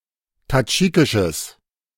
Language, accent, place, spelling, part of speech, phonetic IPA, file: German, Germany, Berlin, tadschikisches, adjective, [taˈd͡ʒiːkɪʃəs], De-tadschikisches.ogg
- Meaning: strong/mixed nominative/accusative neuter singular of tadschikisch